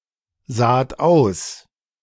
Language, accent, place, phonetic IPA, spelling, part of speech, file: German, Germany, Berlin, [ˌzaːt ˈaʊ̯s], saht aus, verb, De-saht aus.ogg
- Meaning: second-person plural preterite of aussehen